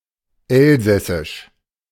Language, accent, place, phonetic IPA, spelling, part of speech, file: German, Germany, Berlin, [ˈɛlzɛsɪʃ], Elsässisch, noun, De-Elsässisch.ogg
- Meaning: Alsatian (dialect)